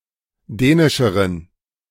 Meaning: inflection of dänisch: 1. strong genitive masculine/neuter singular comparative degree 2. weak/mixed genitive/dative all-gender singular comparative degree
- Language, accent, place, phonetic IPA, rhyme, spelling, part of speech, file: German, Germany, Berlin, [ˈdɛːnɪʃəʁən], -ɛːnɪʃəʁən, dänischeren, adjective, De-dänischeren.ogg